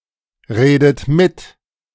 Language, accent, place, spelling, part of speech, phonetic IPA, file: German, Germany, Berlin, redet mit, verb, [ˌʁeːdət ˈmɪt], De-redet mit.ogg
- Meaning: inflection of mitreden: 1. second-person plural present 2. second-person plural subjunctive I 3. third-person singular present 4. plural imperative